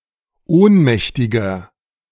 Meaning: 1. comparative degree of ohnmächtig 2. inflection of ohnmächtig: strong/mixed nominative masculine singular 3. inflection of ohnmächtig: strong genitive/dative feminine singular
- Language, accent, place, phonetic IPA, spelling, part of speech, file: German, Germany, Berlin, [ˈoːnˌmɛçtɪɡɐ], ohnmächtiger, adjective, De-ohnmächtiger.ogg